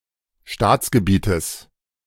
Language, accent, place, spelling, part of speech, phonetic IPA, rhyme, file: German, Germany, Berlin, Staatsgebietes, noun, [ˈʃtaːt͡sɡəˌbiːtəs], -aːt͡sɡəbiːtəs, De-Staatsgebietes.ogg
- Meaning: genitive singular of Staatsgebiet